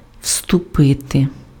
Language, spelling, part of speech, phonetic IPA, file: Ukrainian, вступити, verb, [ʍstʊˈpɪte], Uk-вступити.ogg
- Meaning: 1. to enter, to step in 2. to march in 3. to join (become a member of)